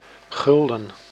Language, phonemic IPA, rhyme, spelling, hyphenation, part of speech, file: Dutch, /ˈɣʏl.dən/, -ʏldən, gulden, gul‧den, adjective / noun, Nl-gulden.ogg
- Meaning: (adjective) 1. golden, made of gold 2. precious, excellent, priceless 3. guilded, plated with gold or coated with something resembling gold